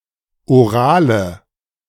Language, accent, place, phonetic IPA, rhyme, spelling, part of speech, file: German, Germany, Berlin, [oˈʁaːlə], -aːlə, orale, adjective, De-orale.ogg
- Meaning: inflection of oral: 1. strong/mixed nominative/accusative feminine singular 2. strong nominative/accusative plural 3. weak nominative all-gender singular 4. weak accusative feminine/neuter singular